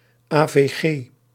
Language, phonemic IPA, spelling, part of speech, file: Dutch, /aː.veːˈɣeː/, AVG, proper noun, Nl-AVG.ogg
- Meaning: Abbreviation of Algemene verordening gegevensbescherming, GDPR